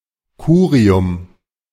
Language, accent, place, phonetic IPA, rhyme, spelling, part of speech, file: German, Germany, Berlin, [ˈkuːʁiʊm], -uːʁiʊm, Curium, noun, De-Curium.ogg
- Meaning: curium